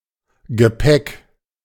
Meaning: luggage, baggage
- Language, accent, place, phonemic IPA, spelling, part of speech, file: German, Germany, Berlin, /ɡəˈpɛk/, Gepäck, noun, De-Gepäck.ogg